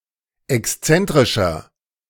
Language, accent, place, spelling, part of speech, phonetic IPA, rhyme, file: German, Germany, Berlin, exzentrischer, adjective, [ɛksˈt͡sɛntʁɪʃɐ], -ɛntʁɪʃɐ, De-exzentrischer.ogg
- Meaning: 1. comparative degree of exzentrisch 2. inflection of exzentrisch: strong/mixed nominative masculine singular 3. inflection of exzentrisch: strong genitive/dative feminine singular